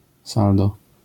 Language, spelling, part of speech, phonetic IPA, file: Polish, saldo, noun, [ˈsaldɔ], LL-Q809 (pol)-saldo.wav